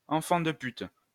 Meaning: son of a whore; a son of a bitch
- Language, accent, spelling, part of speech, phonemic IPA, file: French, France, enfant de pute, noun, /ɑ̃.fɑ̃ d(ə) pyt/, LL-Q150 (fra)-enfant de pute.wav